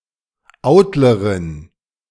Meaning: driver (female)
- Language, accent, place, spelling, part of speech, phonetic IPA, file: German, Germany, Berlin, Autlerin, noun, [ˈaʊ̯tləʁɪn], De-Autlerin.ogg